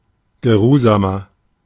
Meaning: 1. comparative degree of geruhsam 2. inflection of geruhsam: strong/mixed nominative masculine singular 3. inflection of geruhsam: strong genitive/dative feminine singular
- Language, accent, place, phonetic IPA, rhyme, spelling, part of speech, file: German, Germany, Berlin, [ɡəˈʁuːzaːmɐ], -uːzaːmɐ, geruhsamer, adjective, De-geruhsamer.ogg